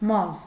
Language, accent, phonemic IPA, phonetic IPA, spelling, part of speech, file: Armenian, Eastern Armenian, /mɑz/, [mɑz], մազ, noun, Hy-մազ.ogg
- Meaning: hair